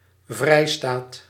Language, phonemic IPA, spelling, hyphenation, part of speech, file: Dutch, /ˈvrɛi̯staːt/, vrijstaat, vrij‧staat, noun, Nl-vrijstaat.ogg
- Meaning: free state